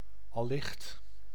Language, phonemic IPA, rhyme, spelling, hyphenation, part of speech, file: Dutch, /ɑˈlɪxt/, -ɪxt, allicht, al‧licht, adverb, Nl-allicht.ogg
- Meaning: 1. probably 2. surely, presumably